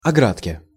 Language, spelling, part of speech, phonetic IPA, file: Russian, оградке, noun, [ɐˈɡratkʲe], Ru-оградке.ogg
- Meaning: dative/prepositional singular of огра́дка (ográdka)